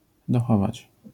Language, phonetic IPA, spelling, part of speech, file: Polish, [dɔˈxɔvat͡ɕ], dochować, verb, LL-Q809 (pol)-dochować.wav